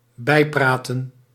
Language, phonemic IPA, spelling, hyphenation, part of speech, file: Dutch, /ˈbɛi̯ˌpraː.tə(n)/, bijpraten, bij‧pra‧ten, verb, Nl-bijpraten.ogg
- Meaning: to catch up, to get (someone) up to date about the latest developments